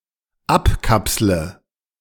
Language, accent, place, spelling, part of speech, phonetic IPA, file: German, Germany, Berlin, abkapsle, verb, [ˈapˌkapslə], De-abkapsle.ogg
- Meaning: inflection of abkapseln: 1. first-person singular dependent present 2. first/third-person singular dependent subjunctive I